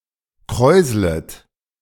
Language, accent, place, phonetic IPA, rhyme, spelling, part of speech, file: German, Germany, Berlin, [ˈkʁɔɪ̯zlət], -ɔɪ̯zlət, kräuslet, verb, De-kräuslet.ogg
- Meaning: second-person plural subjunctive I of kräuseln